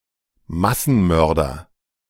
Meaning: mass murderer
- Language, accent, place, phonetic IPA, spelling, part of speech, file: German, Germany, Berlin, [ˈmasn̩ˌmœʁdɐ], Massenmörder, noun, De-Massenmörder.ogg